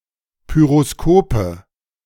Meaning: nominative/accusative/genitive plural of Pyroskop
- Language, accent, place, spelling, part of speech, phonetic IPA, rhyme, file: German, Germany, Berlin, Pyroskope, noun, [ˌpyʁoˈskoːpə], -oːpə, De-Pyroskope.ogg